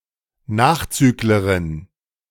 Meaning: female equivalent of Nachzügler (“straggler, laggard”)
- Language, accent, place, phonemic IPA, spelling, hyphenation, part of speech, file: German, Germany, Berlin, /ˈnaːxˌt͡syːkləʁɪn/, Nachzüglerin, Nach‧züg‧le‧rin, noun, De-Nachzüglerin.ogg